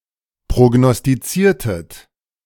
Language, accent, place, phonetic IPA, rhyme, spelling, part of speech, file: German, Germany, Berlin, [pʁoɡnɔstiˈt͡siːɐ̯tət], -iːɐ̯tət, prognostiziertet, verb, De-prognostiziertet.ogg
- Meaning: inflection of prognostizieren: 1. second-person plural preterite 2. second-person plural subjunctive II